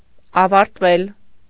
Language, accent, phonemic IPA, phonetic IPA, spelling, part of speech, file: Armenian, Eastern Armenian, /ɑvɑɾtˈvel/, [ɑvɑɾtvél], ավարտվել, verb, Hy-ավարտվել.ogg
- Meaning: mediopassive of ավարտել (avartel)